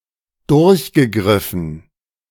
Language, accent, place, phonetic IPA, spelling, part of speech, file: German, Germany, Berlin, [ˈdʊʁçɡəˌɡʁɪfn̩], durchgegriffen, verb, De-durchgegriffen.ogg
- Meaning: past participle of durchgreifen